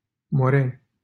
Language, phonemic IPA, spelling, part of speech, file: Romanian, /moˈrenʲ/, Moreni, proper noun, LL-Q7913 (ron)-Moreni.wav
- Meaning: 1. a city in Dâmbovița County, Romania 2. a village in Cetate, Dolj County, Romania 3. a village in Prisăcani, Iași County, Romania 4. a village in Văleni, Neamț County, Romania